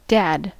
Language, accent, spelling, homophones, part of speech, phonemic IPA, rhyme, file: English, US, dad, Dad, noun / verb, /dæd/, -æd, En-us-dad.ogg
- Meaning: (noun) 1. A father, a male parent 2. Used to address one's father; often capitalized 3. Used to address an older adult male; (verb) 1. To be a father to; to parent 2. To act like a dad